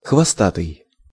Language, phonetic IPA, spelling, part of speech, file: Russian, [xvɐˈstatɨj], хвостатый, adjective, Ru-хвостатый.ogg
- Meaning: tailed, caudate (having a tail)